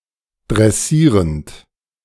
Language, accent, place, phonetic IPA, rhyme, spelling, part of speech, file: German, Germany, Berlin, [dʁɛˈsiːʁənt], -iːʁənt, dressierend, verb, De-dressierend.ogg
- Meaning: present participle of dressieren